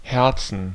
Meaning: 1. dative singular of Herz 2. plural of Herz 3. gerund of herzen
- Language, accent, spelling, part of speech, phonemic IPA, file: German, Germany, Herzen, noun, /ˈhɛʁtsn̩/, De-Herzen.ogg